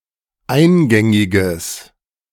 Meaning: strong/mixed nominative/accusative neuter singular of eingängig
- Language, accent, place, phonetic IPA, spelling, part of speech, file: German, Germany, Berlin, [ˈaɪ̯nˌɡɛŋɪɡəs], eingängiges, adjective, De-eingängiges.ogg